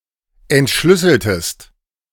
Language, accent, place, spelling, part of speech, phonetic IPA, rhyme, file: German, Germany, Berlin, entschlüsseltest, verb, [ɛntˈʃlʏsl̩təst], -ʏsl̩təst, De-entschlüsseltest.ogg
- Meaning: inflection of entschlüsseln: 1. second-person singular preterite 2. second-person singular subjunctive II